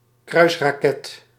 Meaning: cruise missile
- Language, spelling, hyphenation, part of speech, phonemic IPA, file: Dutch, kruisraket, kruis‧ra‧ket, noun, /ˈkrœy̯s.raːˌkɛt/, Nl-kruisraket.ogg